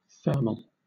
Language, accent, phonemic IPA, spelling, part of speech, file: English, Southern England, /ˈθɜːməl/, thermal, adjective / noun / verb, LL-Q1860 (eng)-thermal.wav
- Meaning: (adjective) 1. Pertaining to heat or temperature 2. Providing efficient insulation so as to keep the body warm 3. Caused or brought about by heat